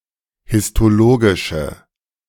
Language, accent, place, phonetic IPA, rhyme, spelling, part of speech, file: German, Germany, Berlin, [hɪstoˈloːɡɪʃə], -oːɡɪʃə, histologische, adjective, De-histologische.ogg
- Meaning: inflection of histologisch: 1. strong/mixed nominative/accusative feminine singular 2. strong nominative/accusative plural 3. weak nominative all-gender singular